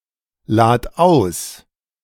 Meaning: singular imperative of ausladen
- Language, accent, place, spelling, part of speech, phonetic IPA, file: German, Germany, Berlin, lad aus, verb, [ˌlaːt ˈaʊ̯s], De-lad aus.ogg